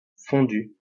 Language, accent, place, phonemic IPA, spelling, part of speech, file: French, France, Lyon, /fɔ̃.dy/, fondu, noun / verb, LL-Q150 (fra)-fondu.wav
- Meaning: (noun) fade; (verb) past participle of fondre